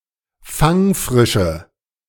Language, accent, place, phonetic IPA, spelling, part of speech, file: German, Germany, Berlin, [ˈfaŋˌfʁɪʃə], fangfrische, adjective, De-fangfrische.ogg
- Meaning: inflection of fangfrisch: 1. strong/mixed nominative/accusative feminine singular 2. strong nominative/accusative plural 3. weak nominative all-gender singular